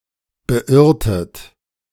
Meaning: inflection of beirren: 1. second-person plural preterite 2. second-person plural subjunctive II
- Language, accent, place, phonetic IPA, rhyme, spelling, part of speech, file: German, Germany, Berlin, [bəˈʔɪʁtət], -ɪʁtət, beirrtet, verb, De-beirrtet.ogg